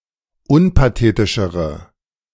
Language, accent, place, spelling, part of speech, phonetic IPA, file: German, Germany, Berlin, unpathetischere, adjective, [ˈʊnpaˌteːtɪʃəʁə], De-unpathetischere.ogg
- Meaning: inflection of unpathetisch: 1. strong/mixed nominative/accusative feminine singular comparative degree 2. strong nominative/accusative plural comparative degree